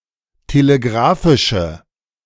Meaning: inflection of telegrafisch: 1. strong/mixed nominative/accusative feminine singular 2. strong nominative/accusative plural 3. weak nominative all-gender singular
- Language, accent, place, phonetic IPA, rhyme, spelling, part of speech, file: German, Germany, Berlin, [teleˈɡʁaːfɪʃə], -aːfɪʃə, telegrafische, adjective, De-telegrafische.ogg